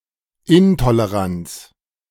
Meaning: intolerance
- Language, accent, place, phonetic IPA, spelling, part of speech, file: German, Germany, Berlin, [ˈɪntoleˌʁant͡s], Intoleranz, noun, De-Intoleranz.ogg